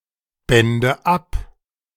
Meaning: first/third-person singular subjunctive II of abbinden
- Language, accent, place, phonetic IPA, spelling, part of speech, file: German, Germany, Berlin, [ˌbɛndə ˈap], bände ab, verb, De-bände ab.ogg